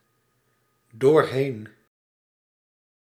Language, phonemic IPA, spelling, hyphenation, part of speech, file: Dutch, /doːrˈɦeːn/, doorheen, door‧heen, preposition, Nl-doorheen.ogg
- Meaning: 1. through 2. through, during